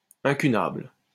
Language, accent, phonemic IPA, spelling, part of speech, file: French, France, /ɛ̃.ky.nabl/, incunable, adjective / noun, LL-Q150 (fra)-incunable.wav
- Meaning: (adjective) Which dates from the early days of printing; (noun) incunabulum